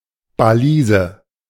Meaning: balise
- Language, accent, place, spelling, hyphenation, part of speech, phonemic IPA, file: German, Germany, Berlin, Balise, Ba‧li‧se, noun, /bəˈliːzə/, De-Balise.ogg